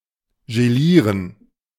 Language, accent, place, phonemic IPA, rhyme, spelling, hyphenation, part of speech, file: German, Germany, Berlin, /ʒeˈliːʁən/, -iːʁən, gelieren, ge‧lie‧ren, verb, De-gelieren.ogg
- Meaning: to gelatinize / gelatinise